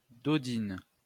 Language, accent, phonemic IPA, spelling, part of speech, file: French, France, /dɔ.din/, dodine, verb, LL-Q150 (fra)-dodine.wav
- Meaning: inflection of dodiner: 1. first/third-person singular present indicative/subjunctive 2. second-person singular imperative